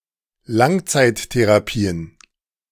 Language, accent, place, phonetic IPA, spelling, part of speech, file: German, Germany, Berlin, [ˈlaŋt͡saɪ̯tteʁaˌpiːən], Langzeittherapien, noun, De-Langzeittherapien.ogg
- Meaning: plural of Langzeittherapie